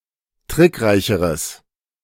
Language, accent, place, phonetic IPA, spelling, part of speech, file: German, Germany, Berlin, [ˈtʁɪkˌʁaɪ̯çəʁəs], trickreicheres, adjective, De-trickreicheres.ogg
- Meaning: strong/mixed nominative/accusative neuter singular comparative degree of trickreich